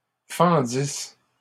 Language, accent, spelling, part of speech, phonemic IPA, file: French, Canada, fendissent, verb, /fɑ̃.dis/, LL-Q150 (fra)-fendissent.wav
- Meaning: third-person plural imperfect subjunctive of fendre